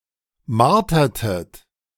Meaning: inflection of martern: 1. second-person plural preterite 2. second-person plural subjunctive II
- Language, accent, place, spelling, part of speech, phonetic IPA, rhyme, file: German, Germany, Berlin, martertet, verb, [ˈmaʁtɐtət], -aʁtɐtət, De-martertet.ogg